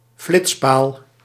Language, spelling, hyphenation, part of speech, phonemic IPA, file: Dutch, flitspaal, flits‧paal, noun, /ˈflɪts.paːl/, Nl-flitspaal.ogg
- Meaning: speed camera (camera to detect speeding vehicles)